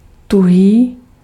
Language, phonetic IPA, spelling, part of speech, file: Czech, [ˈtuɦiː], tuhý, adjective, Cs-tuhý.ogg
- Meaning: 1. solid (in the state of being a solid) 2. rigid